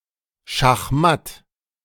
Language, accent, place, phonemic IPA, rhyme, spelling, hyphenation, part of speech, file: German, Germany, Berlin, /ʃaxˈmat/, -at, schachmatt, schach‧matt, interjection / adjective, De-schachmatt.ogg
- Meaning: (interjection) checkmate! (said when making the conclusive move in chess); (adjective) checkmated